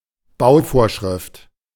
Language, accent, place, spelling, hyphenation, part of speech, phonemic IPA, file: German, Germany, Berlin, Bauvorschrift, Bau‧vor‧schrift, noun, /ˈbaʊ̯ˌfoːʁʃʁɪft/, De-Bauvorschrift.ogg
- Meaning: building regulation